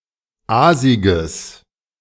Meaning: strong/mixed nominative/accusative neuter singular of aasig
- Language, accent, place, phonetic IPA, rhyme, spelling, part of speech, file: German, Germany, Berlin, [ˈaːzɪɡəs], -aːzɪɡəs, aasiges, adjective, De-aasiges.ogg